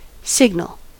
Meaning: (noun) 1. A sequence of states representing an encoded message in a communication channel 2. Any variation of a quantity or change in an entity over time that conveys information upon detection
- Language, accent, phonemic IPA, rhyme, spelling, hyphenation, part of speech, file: English, US, /ˈsɪɡnəl/, -ɪɡnəl, signal, sig‧nal, noun / verb / adjective, En-us-signal.ogg